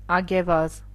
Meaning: kangaroo
- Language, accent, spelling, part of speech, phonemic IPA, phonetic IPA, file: Armenian, Eastern Armenian, ագեվազ, noun, /ɑɡeˈvɑz/, [ɑɡevɑ́z], Hy-ագեվազ.ogg